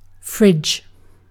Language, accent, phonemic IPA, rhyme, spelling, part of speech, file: English, UK, /fɹɪd͡ʒ/, -ɪdʒ, fridge, noun / verb, En-uk-fridge.ogg
- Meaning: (noun) 1. A refrigerator 2. A fat woman; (verb) To place (something) inside a refrigerator to chill; to refrigerate